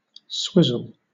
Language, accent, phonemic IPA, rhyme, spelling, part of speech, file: English, Southern England, /ˈswɪzəl/, -ɪzəl, swizzle, noun / verb, LL-Q1860 (eng)-swizzle.wav
- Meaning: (noun) 1. Any of various kinds of alcoholic drink 2. Alternative form of switchel (“drink based on water and vinegar”) 3. Synonym of swizz (“swindle, disappointment”)